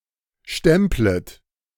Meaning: second-person plural subjunctive I of stempeln
- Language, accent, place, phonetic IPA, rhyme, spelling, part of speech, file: German, Germany, Berlin, [ˈʃtɛmplət], -ɛmplət, stemplet, verb, De-stemplet.ogg